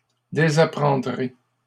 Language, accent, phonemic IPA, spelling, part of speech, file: French, Canada, /de.za.pʁɑ̃.dʁe/, désapprendrai, verb, LL-Q150 (fra)-désapprendrai.wav
- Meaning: first-person singular simple future of désapprendre